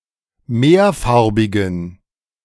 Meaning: inflection of mehrfarbig: 1. strong genitive masculine/neuter singular 2. weak/mixed genitive/dative all-gender singular 3. strong/weak/mixed accusative masculine singular 4. strong dative plural
- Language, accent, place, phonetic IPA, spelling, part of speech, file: German, Germany, Berlin, [ˈmeːɐ̯ˌfaʁbɪɡn̩], mehrfarbigen, adjective, De-mehrfarbigen.ogg